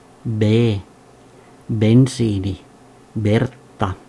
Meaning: The second letter of the Finnish alphabet, called bee and written in the Latin script
- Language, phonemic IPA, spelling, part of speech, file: Finnish, /b/, b, character, Fi-b.ogg